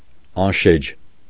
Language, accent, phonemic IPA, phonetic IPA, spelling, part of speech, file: Armenian, Eastern Armenian, /ɑnˈʃed͡ʒ/, [ɑnʃéd͡ʒ], անշեջ, adjective, Hy-անշեջ.ogg
- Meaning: 1. inextinguishable, unquenchable 2. unrelenting, unremitting